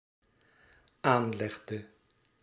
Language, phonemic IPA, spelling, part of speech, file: Dutch, /ˈanlɛɣdə/, aanlegde, verb, Nl-aanlegde.ogg
- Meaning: inflection of aanleggen: 1. singular dependent-clause past indicative 2. singular dependent-clause past subjunctive